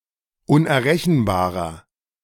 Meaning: inflection of unerrechenbar: 1. strong/mixed nominative masculine singular 2. strong genitive/dative feminine singular 3. strong genitive plural
- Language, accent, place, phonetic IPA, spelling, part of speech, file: German, Germany, Berlin, [ʊnʔɛɐ̯ˈʁɛçn̩baːʁɐ], unerrechenbarer, adjective, De-unerrechenbarer.ogg